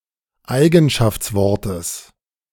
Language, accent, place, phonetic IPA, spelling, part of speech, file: German, Germany, Berlin, [ˈaɪ̯ɡn̩ʃaft͡sˌvɔʁtəs], Eigenschaftswortes, noun, De-Eigenschaftswortes.ogg
- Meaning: genitive singular of Eigenschaftswort